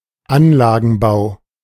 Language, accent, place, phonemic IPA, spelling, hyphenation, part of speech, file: German, Germany, Berlin, /ˈanlaːɡn̩ˌbaʊ̯/, Anlagenbau, An‧la‧gen‧bau, noun, De-Anlagenbau.ogg
- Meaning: construction of manufacturing facilities